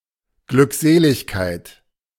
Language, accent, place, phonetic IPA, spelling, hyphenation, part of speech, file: German, Germany, Berlin, [ɡlʏkˈzeːlɪçkaɪ̯t], Glückseligkeit, Glück‧se‧lig‧keit, noun, De-Glückseligkeit.ogg
- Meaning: 1. beatitude 2. bliss